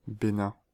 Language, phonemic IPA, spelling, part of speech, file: French, /be.nɛ̃/, Bénin, proper noun, Fr-Bénin.ogg
- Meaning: Benin (a country in West Africa, formerly Dahomey)